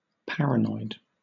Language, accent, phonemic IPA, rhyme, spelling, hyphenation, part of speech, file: English, Southern England, /ˈpæɹ.əˌnɔɪd/, -ɔɪd, paranoid, para‧noid, adjective / noun, LL-Q1860 (eng)-paranoid.wav
- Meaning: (adjective) 1. Of, related to, or suffering from clinical paranoia 2. Exhibiting excessive fear, suspicion, or distrust; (noun) A person suffering from paranoia